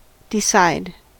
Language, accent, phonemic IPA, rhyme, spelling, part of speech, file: English, US, /dɪˈsaɪd/, -aɪd, decide, verb, En-us-decide.ogg
- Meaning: 1. To resolve (a contest, problem, dispute, etc.); to choose, determine, or settle 2. To make a judgment, especially after deliberation 3. To cause someone to come to a decision